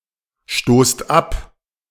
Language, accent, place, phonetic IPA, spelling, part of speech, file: German, Germany, Berlin, [ˌʃtoːst ˈap], stoßt ab, verb, De-stoßt ab.ogg
- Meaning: inflection of abstoßen: 1. second-person plural present 2. plural imperative